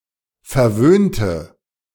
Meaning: inflection of verwöhnt: 1. strong/mixed nominative/accusative feminine singular 2. strong nominative/accusative plural 3. weak nominative all-gender singular
- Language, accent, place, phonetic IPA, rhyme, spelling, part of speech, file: German, Germany, Berlin, [fɛɐ̯ˈvøːntə], -øːntə, verwöhnte, adjective / verb, De-verwöhnte.ogg